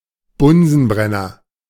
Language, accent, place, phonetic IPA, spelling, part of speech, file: German, Germany, Berlin, [ˈbʊnzn̩ˌbʁɛnɐ], Bunsenbrenner, noun, De-Bunsenbrenner.ogg
- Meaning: Bunsen burner